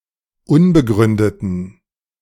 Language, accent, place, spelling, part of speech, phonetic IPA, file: German, Germany, Berlin, unbegründeten, adjective, [ˈʊnbəˌɡʁʏndətn̩], De-unbegründeten.ogg
- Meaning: inflection of unbegründet: 1. strong genitive masculine/neuter singular 2. weak/mixed genitive/dative all-gender singular 3. strong/weak/mixed accusative masculine singular 4. strong dative plural